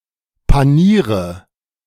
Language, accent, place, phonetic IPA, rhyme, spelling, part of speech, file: German, Germany, Berlin, [paˈniːʁə], -iːʁə, paniere, verb, De-paniere.ogg
- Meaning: inflection of panieren: 1. first-person singular present 2. first/third-person singular subjunctive I 3. singular imperative